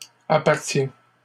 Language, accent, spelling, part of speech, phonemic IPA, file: French, Canada, appartiens, verb, /a.paʁ.tjɛ̃/, LL-Q150 (fra)-appartiens.wav
- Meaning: inflection of appartenir: 1. first/second-person singular present indicative 2. second-person singular imperative